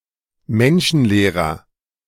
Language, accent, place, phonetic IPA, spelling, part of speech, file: German, Germany, Berlin, [ˈmɛnʃn̩ˌleːʁɐ], menschenleerer, adjective, De-menschenleerer.ogg
- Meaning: inflection of menschenleer: 1. strong/mixed nominative masculine singular 2. strong genitive/dative feminine singular 3. strong genitive plural